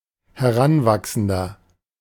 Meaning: 1. adolescent (male or of unspecified gender) 2. inflection of Heranwachsende: strong genitive/dative singular 3. inflection of Heranwachsende: strong genitive plural
- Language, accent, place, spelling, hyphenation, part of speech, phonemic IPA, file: German, Germany, Berlin, Heranwachsender, He‧r‧an‧wach‧sen‧der, noun, /hɛˈʁanˌvaksn̩dɐ/, De-Heranwachsender.ogg